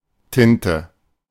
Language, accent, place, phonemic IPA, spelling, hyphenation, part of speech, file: German, Germany, Berlin, /ˈtɪntə/, Tinte, Tin‧te, noun, De-Tinte.ogg
- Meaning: ink